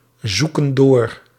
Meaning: inflection of doorzoeken: 1. plural present indicative 2. plural present subjunctive
- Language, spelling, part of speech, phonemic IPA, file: Dutch, zoeken door, verb, /ˈzukə(n) ˈdor/, Nl-zoeken door.ogg